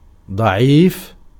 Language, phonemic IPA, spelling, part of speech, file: Arabic, /dˤa.ʕiːf/, ضعيف, adjective, Ar-ضعيف.ogg
- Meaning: 1. weak 2. weak (describing Prophetic Hadiths) 3. slim, fit, skinny, thin 4. feeble 5. limp 6. fragile 7. impotent 8. flaccid